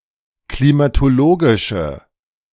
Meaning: inflection of klimatologisch: 1. strong/mixed nominative/accusative feminine singular 2. strong nominative/accusative plural 3. weak nominative all-gender singular
- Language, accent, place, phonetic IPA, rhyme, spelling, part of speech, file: German, Germany, Berlin, [klimatoˈloːɡɪʃə], -oːɡɪʃə, klimatologische, adjective, De-klimatologische.ogg